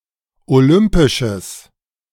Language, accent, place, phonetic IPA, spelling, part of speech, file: German, Germany, Berlin, [oˈlʏmpɪʃəs], olympisches, adjective, De-olympisches.ogg
- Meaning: strong/mixed nominative/accusative neuter singular of olympisch